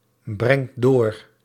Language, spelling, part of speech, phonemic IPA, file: Dutch, brengt door, verb, /ˈbrɛŋt ˈdor/, Nl-brengt door.ogg
- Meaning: inflection of doorbrengen: 1. second/third-person singular present indicative 2. plural imperative